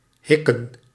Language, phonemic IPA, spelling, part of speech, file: Dutch, /ˈɦɪkə(n)/, hikken, verb / noun, Nl-hikken.ogg
- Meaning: plural of hik